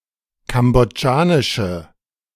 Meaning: inflection of kambodschanisch: 1. strong/mixed nominative/accusative feminine singular 2. strong nominative/accusative plural 3. weak nominative all-gender singular
- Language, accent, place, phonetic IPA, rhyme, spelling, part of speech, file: German, Germany, Berlin, [ˌkamboˈd͡ʒaːnɪʃə], -aːnɪʃə, kambodschanische, adjective, De-kambodschanische.ogg